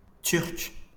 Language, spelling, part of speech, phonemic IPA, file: French, Turc, noun, /tyʁk/, LL-Q150 (fra)-Turc.wav
- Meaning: Turk, resident or native of Turkey